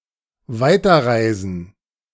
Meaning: gerund of weiterreisen
- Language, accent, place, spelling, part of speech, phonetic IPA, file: German, Germany, Berlin, Weiterreisen, noun, [ˈvaɪ̯tɐˌʁaɪ̯zn̩], De-Weiterreisen.ogg